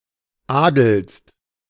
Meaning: second-person singular present of adeln
- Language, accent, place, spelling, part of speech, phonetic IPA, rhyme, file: German, Germany, Berlin, adelst, verb, [ˈaːdl̩st], -aːdl̩st, De-adelst.ogg